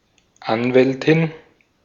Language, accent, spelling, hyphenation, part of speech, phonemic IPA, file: German, Austria, Anwältin, An‧wäl‧tin, noun, /ˈanvɛltɪn/, De-at-Anwältin.ogg
- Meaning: female equivalent of Anwalt